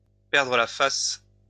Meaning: to lose face
- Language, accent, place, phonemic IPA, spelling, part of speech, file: French, France, Lyon, /pɛʁ.dʁə la fas/, perdre la face, verb, LL-Q150 (fra)-perdre la face.wav